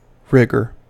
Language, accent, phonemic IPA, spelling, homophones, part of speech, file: English, US, /ˈɹɪɡɚ/, rigor, rigger / rigour, noun, En-us-rigor.ogg
- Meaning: 1. US spelling of rigour 2. Ellipsis of rigor mortis